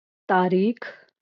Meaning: date (especially on the Islamic and Gregorian calendars)
- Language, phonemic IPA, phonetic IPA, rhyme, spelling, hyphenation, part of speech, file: Marathi, /t̪a.ɾikʰ/, [t̪a.ɾiːkʰ], -ikʰ, तारीख, ता‧रीख, noun, LL-Q1571 (mar)-तारीख.wav